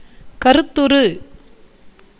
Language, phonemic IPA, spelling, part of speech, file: Tamil, /kɐɾʊt̪ːʊɾɯ/, கருத்துரு, noun, Ta-கருத்துரு.ogg
- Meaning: proposal, concept